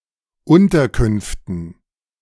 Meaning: dative plural of Unterkunft
- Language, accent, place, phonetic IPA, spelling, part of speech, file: German, Germany, Berlin, [ˈʊntɐˌkʏnftn̩], Unterkünften, noun, De-Unterkünften.ogg